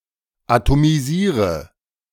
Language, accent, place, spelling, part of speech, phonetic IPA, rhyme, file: German, Germany, Berlin, atomisiere, verb, [atomiˈziːʁə], -iːʁə, De-atomisiere.ogg
- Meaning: inflection of atomisieren: 1. first-person singular present 2. first/third-person singular subjunctive I 3. singular imperative